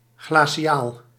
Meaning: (adjective) glacial (pertaining to land ice or ice ages); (noun) a glacial, an ice age
- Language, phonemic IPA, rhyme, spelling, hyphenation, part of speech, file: Dutch, /ˌɣlaː.siˈaːl/, -aːl, glaciaal, gla‧ci‧aal, adjective / noun, Nl-glaciaal.ogg